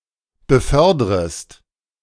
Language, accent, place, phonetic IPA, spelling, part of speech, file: German, Germany, Berlin, [bəˈfœʁdʁəst], befördrest, verb, De-befördrest.ogg
- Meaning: second-person singular subjunctive I of befördern